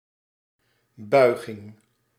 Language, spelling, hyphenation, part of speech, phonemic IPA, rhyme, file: Dutch, buiging, bui‧ging, noun, /ˈbœy̯ɣɪŋ/, -œy̯ɣɪŋ, Nl-buiging.ogg
- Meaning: 1. bow, kowtow 2. declension